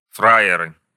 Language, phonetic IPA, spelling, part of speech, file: Russian, [ˈfra(j)ɪrɨ], фраеры, noun, Ru-фраеры.ogg
- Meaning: nominative plural of фра́ер (frájer)